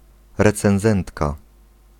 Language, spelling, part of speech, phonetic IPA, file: Polish, recenzentka, noun, [ˌrɛt͡sɛ̃w̃ˈzɛ̃ntka], Pl-recenzentka.ogg